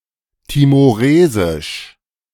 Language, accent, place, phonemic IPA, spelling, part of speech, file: German, Germany, Berlin, /timoˈʁeːzɪʃ/, timoresisch, adjective, De-timoresisch.ogg
- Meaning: Timorese